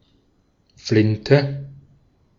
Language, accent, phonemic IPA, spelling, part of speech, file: German, Austria, /ˈflɪntə/, Flinte, noun, De-at-Flinte.ogg
- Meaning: shotgun